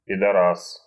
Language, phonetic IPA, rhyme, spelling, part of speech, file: Russian, [pʲɪdɐˈras], -as, пидорас, noun, Ru-пидорас.ogg
- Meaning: 1. fag, faggot (a homosexual) 2. motherfucker, asshole (a rude or highly unpleasant person)